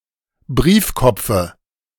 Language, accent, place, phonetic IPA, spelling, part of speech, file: German, Germany, Berlin, [ˈbʁiːfˌkɔp͡fə], Briefkopfe, noun, De-Briefkopfe.ogg
- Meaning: dative singular of Briefkopf